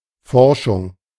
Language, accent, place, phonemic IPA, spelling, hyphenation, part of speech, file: German, Germany, Berlin, /ˈfɔʁʃʊŋ/, Forschung, For‧schung, noun, De-Forschung.ogg
- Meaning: research